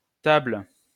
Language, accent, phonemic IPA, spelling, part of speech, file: French, France, /tabl/, Table, proper noun, LL-Q150 (fra)-Table.wav
- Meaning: Mensa (constellation)